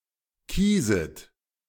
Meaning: second-person plural subjunctive I of kiesen
- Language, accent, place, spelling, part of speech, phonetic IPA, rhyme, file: German, Germany, Berlin, kieset, verb, [ˈkiːzət], -iːzət, De-kieset.ogg